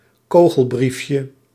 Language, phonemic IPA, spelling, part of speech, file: Dutch, /ˈkoɣəlˌbrifjə/, kogelbriefje, noun, Nl-kogelbriefje.ogg
- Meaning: diminutive of kogelbrief